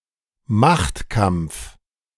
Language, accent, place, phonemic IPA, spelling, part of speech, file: German, Germany, Berlin, /ˈmaxtˌkamp͡f/, Machtkampf, noun, De-Machtkampf.ogg
- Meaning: power struggle, struggle for power